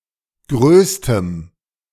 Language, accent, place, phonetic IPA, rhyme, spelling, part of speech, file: German, Germany, Berlin, [ˈɡʁøːstəm], -øːstəm, größtem, adjective, De-größtem.ogg
- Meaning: strong dative masculine/neuter singular superlative degree of groß